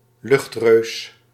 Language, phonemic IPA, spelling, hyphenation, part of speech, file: Dutch, /ˈlʏxt.røːs/, luchtreus, lucht‧reus, noun, Nl-luchtreus.ogg
- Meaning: giant aircraft